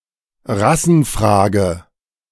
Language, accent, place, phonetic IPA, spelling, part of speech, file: German, Germany, Berlin, [ˈʁasn̩ˌfʁaːɡə], Rassenfrage, noun, De-Rassenfrage.ogg
- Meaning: race question; the issue of race